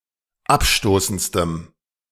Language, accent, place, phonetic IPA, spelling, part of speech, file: German, Germany, Berlin, [ˈapˌʃtoːsn̩t͡stəm], abstoßendstem, adjective, De-abstoßendstem.ogg
- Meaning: strong dative masculine/neuter singular superlative degree of abstoßend